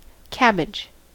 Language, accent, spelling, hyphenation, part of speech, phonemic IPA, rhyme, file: English, US, cabbage, cab‧bage, noun / verb, /ˈkæbɪd͡ʒ/, -æbɪdʒ, En-us-cabbage.ogg
- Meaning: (noun) An edible plant (Brassica oleracea var. capitata) having a head of green leaves